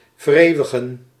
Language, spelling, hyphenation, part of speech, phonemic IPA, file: Dutch, vereeuwigen, ver‧eeu‧wi‧gen, verb, /vərˈeːu̯.ə.ɣə(n)/, Nl-vereeuwigen.ogg
- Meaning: to perpetuate, immortalize (US); immortalise (UK)